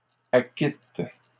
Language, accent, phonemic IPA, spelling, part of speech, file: French, Canada, /a.kit/, acquittent, verb, LL-Q150 (fra)-acquittent.wav
- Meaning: third-person plural present indicative/subjunctive of acquitter